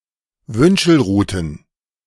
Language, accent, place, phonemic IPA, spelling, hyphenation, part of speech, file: German, Germany, Berlin, /ˈvʏnʃl̩ˌʁuːtn̩/, Wünschelruten, Wün‧schel‧ru‧ten, noun, De-Wünschelruten.ogg
- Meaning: plural of Wünschelrute